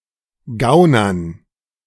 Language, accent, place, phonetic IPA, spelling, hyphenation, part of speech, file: German, Germany, Berlin, [ˈɡaʊ̯nɐn], gaunern, gau‧nern, verb, De-gaunern.ogg
- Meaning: to cheat, swindle